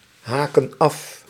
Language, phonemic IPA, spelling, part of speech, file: Dutch, /ˈhakə(n) ˈɑf/, haken af, verb, Nl-haken af.ogg
- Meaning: inflection of afhaken: 1. plural present indicative 2. plural present subjunctive